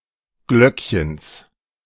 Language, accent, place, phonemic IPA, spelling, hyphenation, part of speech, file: German, Germany, Berlin, /ˈɡlœk.çəns/, Glöckchens, Glöck‧chens, noun, De-Glöckchens.ogg
- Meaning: genitive of Glöckchen